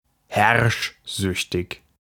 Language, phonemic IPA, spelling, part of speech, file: German, /ˈhɛʁʃˌzʏçtɪç/, herrschsüchtig, adjective, De-herrschsüchtig.ogg
- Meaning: domineering